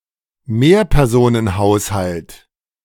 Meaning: multiperson household
- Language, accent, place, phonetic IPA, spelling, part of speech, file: German, Germany, Berlin, [ˈmeːɐ̯pɛʁzoːnənˌhaʊ̯shalt], Mehrpersonenhaushalt, noun, De-Mehrpersonenhaushalt.ogg